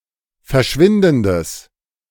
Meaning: strong/mixed nominative/accusative neuter singular of verschwindend
- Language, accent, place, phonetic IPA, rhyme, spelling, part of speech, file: German, Germany, Berlin, [fɛɐ̯ˈʃvɪndn̩dəs], -ɪndn̩dəs, verschwindendes, adjective, De-verschwindendes.ogg